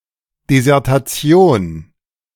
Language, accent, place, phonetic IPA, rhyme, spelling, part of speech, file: German, Germany, Berlin, [dezɛʁtaˈt͡si̯oːn], -oːn, Desertation, noun, De-Desertation.ogg
- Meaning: desertion